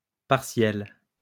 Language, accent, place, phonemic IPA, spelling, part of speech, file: French, France, Lyon, /paʁ.sjɛl/, partielle, adjective, LL-Q150 (fra)-partielle.wav
- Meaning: feminine singular of partiel